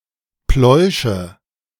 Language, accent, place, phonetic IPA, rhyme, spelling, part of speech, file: German, Germany, Berlin, [ˈplɔɪ̯ʃə], -ɔɪ̯ʃə, Pläusche, noun, De-Pläusche.ogg
- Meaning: nominative/accusative/genitive plural of Plausch